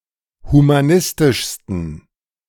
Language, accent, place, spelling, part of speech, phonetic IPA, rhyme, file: German, Germany, Berlin, humanistischsten, adjective, [humaˈnɪstɪʃstn̩], -ɪstɪʃstn̩, De-humanistischsten.ogg
- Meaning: 1. superlative degree of humanistisch 2. inflection of humanistisch: strong genitive masculine/neuter singular superlative degree